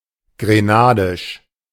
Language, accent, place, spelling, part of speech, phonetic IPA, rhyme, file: German, Germany, Berlin, grenadisch, adjective, [ɡʁeˈnaːdɪʃ], -aːdɪʃ, De-grenadisch.ogg
- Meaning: of Grenada; Grenadian